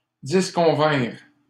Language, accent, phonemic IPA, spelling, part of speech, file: French, Canada, /dis.kɔ̃.vɛ̃ʁ/, disconvinrent, verb, LL-Q150 (fra)-disconvinrent.wav
- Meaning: third-person plural past historic of disconvenir